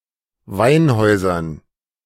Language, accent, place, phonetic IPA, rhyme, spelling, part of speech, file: German, Germany, Berlin, [ˈvaɪ̯nˌhɔɪ̯zɐn], -aɪ̯nhɔɪ̯zɐn, Weinhäusern, noun, De-Weinhäusern.ogg
- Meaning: dative plural of Weinhaus